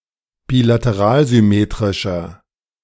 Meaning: 1. comparative degree of bilateralsymmetrisch 2. inflection of bilateralsymmetrisch: strong/mixed nominative masculine singular
- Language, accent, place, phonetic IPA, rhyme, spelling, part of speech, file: German, Germany, Berlin, [biːlatəˈʁaːlzʏˌmeːtʁɪʃɐ], -aːlzʏmeːtʁɪʃɐ, bilateralsymmetrischer, adjective, De-bilateralsymmetrischer.ogg